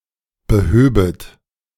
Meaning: second-person plural subjunctive II of beheben
- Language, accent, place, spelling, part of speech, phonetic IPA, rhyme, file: German, Germany, Berlin, behöbet, verb, [bəˈhøːbət], -øːbət, De-behöbet.ogg